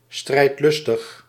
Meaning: combative, belligerent
- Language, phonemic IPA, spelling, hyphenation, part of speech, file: Dutch, /ˌstrɛi̯tˈlʏs.təx/, strijdlustig, strijd‧lus‧tig, adjective, Nl-strijdlustig.ogg